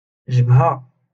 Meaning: 1. forehead 2. stubborn person
- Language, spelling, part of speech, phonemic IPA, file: Moroccan Arabic, جبهة, noun, /ʒab.ha/, LL-Q56426 (ary)-جبهة.wav